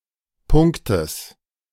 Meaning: genitive singular of Punkt
- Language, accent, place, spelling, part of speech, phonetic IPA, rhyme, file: German, Germany, Berlin, Punktes, noun, [ˈpʊŋktəs], -ʊŋktəs, De-Punktes.ogg